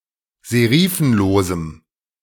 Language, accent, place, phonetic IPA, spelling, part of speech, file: German, Germany, Berlin, [zeˈʁiːfn̩loːzm̩], serifenlosem, adjective, De-serifenlosem.ogg
- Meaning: strong dative masculine/neuter singular of serifenlos